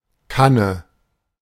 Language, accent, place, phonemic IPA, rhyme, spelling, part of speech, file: German, Germany, Berlin, /ˈkanə/, -anə, Kanne, noun, De-Kanne.ogg
- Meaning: 1. jug, pitcher, pot, can (container for pouring fluids, especially beverages, often having spout and handle) 2. a bottle, typically of beer